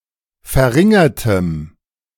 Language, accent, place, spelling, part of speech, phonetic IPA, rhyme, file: German, Germany, Berlin, verringertem, adjective, [fɛɐ̯ˈʁɪŋɐtəm], -ɪŋɐtəm, De-verringertem.ogg
- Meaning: strong dative masculine/neuter singular of verringert